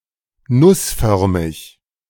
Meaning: nuciform
- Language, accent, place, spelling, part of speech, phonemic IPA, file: German, Germany, Berlin, nussförmig, adjective, /ˈnʊsˌfœʁmɪç/, De-nussförmig.ogg